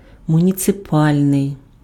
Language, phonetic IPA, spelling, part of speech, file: Ukrainian, [mʊnʲit͡seˈpalʲnei̯], муніципальний, adjective, Uk-муніципальний.ogg
- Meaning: municipal